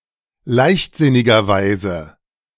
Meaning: carelessly
- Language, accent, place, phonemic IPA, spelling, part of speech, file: German, Germany, Berlin, /ˈlaɪ̯çtzɪnɪɡɐˌvaɪ̯zə/, leichtsinnigerweise, adverb, De-leichtsinnigerweise.ogg